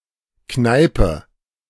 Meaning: 1. pub, bar 2. a student’s cramped dwelling
- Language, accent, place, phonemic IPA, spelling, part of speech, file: German, Germany, Berlin, /ˈknaɪ̯pə/, Kneipe, noun, De-Kneipe.ogg